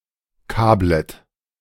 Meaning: second-person plural subjunctive I of kabeln
- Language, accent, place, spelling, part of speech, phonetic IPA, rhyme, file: German, Germany, Berlin, kablet, verb, [ˈkaːblət], -aːblət, De-kablet.ogg